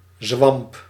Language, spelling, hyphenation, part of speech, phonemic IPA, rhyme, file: Dutch, zwamp, zwamp, noun, /zʋɑmp/, -ɑmp, Nl-zwamp.ogg
- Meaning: swamp, marsh, fen